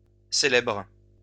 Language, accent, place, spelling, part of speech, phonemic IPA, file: French, France, Lyon, célèbres, adjective / verb, /se.lɛbʁ/, LL-Q150 (fra)-célèbres.wav
- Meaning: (adjective) plural of célèbre; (verb) second-person singular present indicative/subjunctive of célébrer